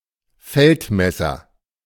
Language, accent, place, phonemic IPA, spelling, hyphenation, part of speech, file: German, Germany, Berlin, /ˈfɛltˌmɛsɐ/, Feldmesser, Feld‧mes‧ser, noun, De-Feldmesser.ogg
- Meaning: land surveyor